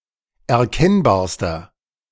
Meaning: inflection of erkennbar: 1. strong/mixed nominative masculine singular superlative degree 2. strong genitive/dative feminine singular superlative degree 3. strong genitive plural superlative degree
- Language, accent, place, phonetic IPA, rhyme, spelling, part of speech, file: German, Germany, Berlin, [ɛɐ̯ˈkɛnbaːɐ̯stɐ], -ɛnbaːɐ̯stɐ, erkennbarster, adjective, De-erkennbarster.ogg